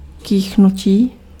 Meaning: 1. verbal noun of kýchnout 2. sneeze
- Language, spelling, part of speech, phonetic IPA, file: Czech, kýchnutí, noun, [ˈkiːxnuciː], Cs-kýchnutí.ogg